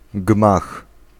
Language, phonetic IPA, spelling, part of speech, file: Polish, [ɡmax], gmach, noun, Pl-gmach.ogg